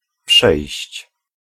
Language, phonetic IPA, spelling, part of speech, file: Polish, [pʃɛjɕt͡ɕ], przejść, verb, Pl-przejść.ogg